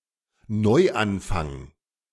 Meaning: new beginning, new start, fresh start
- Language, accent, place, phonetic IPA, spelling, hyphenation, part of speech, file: German, Germany, Berlin, [ˈnɔɪ̯ˌanfaŋ], Neuanfang, Neu‧an‧fang, noun, De-Neuanfang.ogg